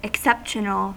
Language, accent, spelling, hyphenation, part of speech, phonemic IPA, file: English, US, exceptional, ex‧cep‧tion‧al, adjective / noun, /ɪkˈsɛpʃənəl/, En-us-exceptional.ogg
- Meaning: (adjective) Forming an exception; not ordinary; uncommon; rare